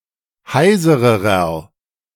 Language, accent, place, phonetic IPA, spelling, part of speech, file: German, Germany, Berlin, [ˈhaɪ̯zəʁəʁɐ], heisererer, adjective, De-heisererer.ogg
- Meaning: inflection of heiser: 1. strong/mixed nominative masculine singular comparative degree 2. strong genitive/dative feminine singular comparative degree 3. strong genitive plural comparative degree